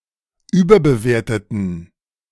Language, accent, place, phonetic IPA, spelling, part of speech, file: German, Germany, Berlin, [ˈyːbɐbəˌveːɐ̯tətn̩], überbewerteten, adjective / verb, De-überbewerteten.ogg
- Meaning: inflection of überbewerten: 1. first/third-person plural preterite 2. first/third-person plural subjunctive II